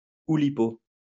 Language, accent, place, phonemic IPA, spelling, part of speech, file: French, France, Lyon, /u.li.po/, Oulipo, proper noun, LL-Q150 (fra)-Oulipo.wav